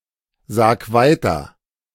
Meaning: 1. singular imperative of weitersagen 2. first-person singular present of weitersagen
- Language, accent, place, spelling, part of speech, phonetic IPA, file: German, Germany, Berlin, sag weiter, verb, [ˌzaːk ˈvaɪ̯tɐ], De-sag weiter.ogg